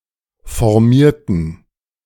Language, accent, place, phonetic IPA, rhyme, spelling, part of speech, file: German, Germany, Berlin, [fɔʁˈmiːɐ̯tn̩], -iːɐ̯tn̩, formierten, adjective / verb, De-formierten.ogg
- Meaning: inflection of formieren: 1. first/third-person plural preterite 2. first/third-person plural subjunctive II